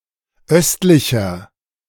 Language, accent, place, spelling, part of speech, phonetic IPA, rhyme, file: German, Germany, Berlin, östlicher, adjective, [ˈœstlɪçɐ], -œstlɪçɐ, De-östlicher.ogg
- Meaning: 1. comparative degree of östlich 2. inflection of östlich: strong/mixed nominative masculine singular 3. inflection of östlich: strong genitive/dative feminine singular